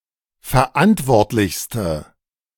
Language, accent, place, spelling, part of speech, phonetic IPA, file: German, Germany, Berlin, verantwortlichste, adjective, [fɛɐ̯ˈʔantvɔʁtlɪçstə], De-verantwortlichste.ogg
- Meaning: inflection of verantwortlich: 1. strong/mixed nominative/accusative feminine singular superlative degree 2. strong nominative/accusative plural superlative degree